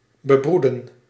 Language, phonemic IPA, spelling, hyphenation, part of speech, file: Dutch, /bəˈbrudə(n)/, bebroeden, be‧broe‧den, verb, Nl-bebroeden.ogg
- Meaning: to incubate (eggs)